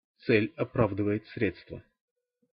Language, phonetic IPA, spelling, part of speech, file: Russian, [t͡sɛlʲ ɐˈpravdɨvə(j)ɪt͡s ˈsrʲet͡stvə], цель оправдывает средства, proverb, Ru-цель оправдывает средства.ogg
- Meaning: the end justifies the means